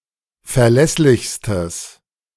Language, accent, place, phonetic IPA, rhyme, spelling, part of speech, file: German, Germany, Berlin, [fɛɐ̯ˈlɛslɪçstəs], -ɛslɪçstəs, verlässlichstes, adjective, De-verlässlichstes.ogg
- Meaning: strong/mixed nominative/accusative neuter singular superlative degree of verlässlich